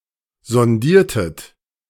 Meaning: inflection of sondieren: 1. second-person plural preterite 2. second-person plural subjunctive II
- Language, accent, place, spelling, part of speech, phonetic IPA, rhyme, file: German, Germany, Berlin, sondiertet, verb, [zɔnˈdiːɐ̯tət], -iːɐ̯tət, De-sondiertet.ogg